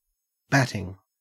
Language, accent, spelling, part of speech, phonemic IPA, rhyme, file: English, Australia, batting, noun / verb, /ˈbætɪŋ/, -ætɪŋ, En-au-batting.ogg
- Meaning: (noun) 1. Cotton, wool, silk or synthetic material used to stuff the inside of a mattress, quilt etc 2. Special cotton for surgery 3. The act of someone who bats 4. The action of using a bat